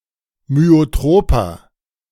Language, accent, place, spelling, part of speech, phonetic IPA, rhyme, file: German, Germany, Berlin, myotroper, adjective, [myoˈtʁoːpɐ], -oːpɐ, De-myotroper.ogg
- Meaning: inflection of myotrop: 1. strong/mixed nominative masculine singular 2. strong genitive/dative feminine singular 3. strong genitive plural